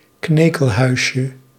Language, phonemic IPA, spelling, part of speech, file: Dutch, /ˈknekəlˌhœyʃə/, knekelhuisje, noun, Nl-knekelhuisje.ogg
- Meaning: diminutive of knekelhuis